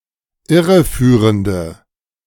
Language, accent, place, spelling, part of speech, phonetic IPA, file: German, Germany, Berlin, irreführende, adjective, [ˈɪʁəˌfyːʁəndə], De-irreführende.ogg
- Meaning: inflection of irreführend: 1. strong/mixed nominative/accusative feminine singular 2. strong nominative/accusative plural 3. weak nominative all-gender singular